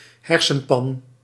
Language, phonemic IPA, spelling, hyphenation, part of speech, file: Dutch, /ˈɦɛr.sə(n)ˌpɑn/, hersenpan, her‧sen‧pan, noun, Nl-hersenpan.ogg
- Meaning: cranium